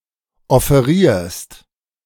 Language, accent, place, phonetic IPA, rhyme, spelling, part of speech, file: German, Germany, Berlin, [ɔfeˈʁiːɐ̯st], -iːɐ̯st, offerierst, verb, De-offerierst.ogg
- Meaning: second-person singular present of offerieren